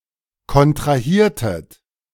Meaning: inflection of kontrahieren: 1. second-person plural preterite 2. second-person plural subjunctive II
- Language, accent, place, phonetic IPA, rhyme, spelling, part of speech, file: German, Germany, Berlin, [kɔntʁaˈhiːɐ̯tət], -iːɐ̯tət, kontrahiertet, verb, De-kontrahiertet.ogg